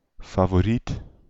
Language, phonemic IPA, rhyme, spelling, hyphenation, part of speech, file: Dutch, /faːvoːˈrit/, -it, favoriet, fa‧vo‧riet, adjective / noun, Nl-favoriet.ogg
- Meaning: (adjective) 1. favourite, preferred 2. favourite, tipped to win; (noun) 1. favourite, preferred one 2. favourite, most likely one to win out